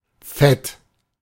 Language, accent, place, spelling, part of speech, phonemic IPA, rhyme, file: German, Germany, Berlin, Fett, noun, /fɛt/, -ɛt, De-Fett.ogg
- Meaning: 1. fat, grease 2. lipid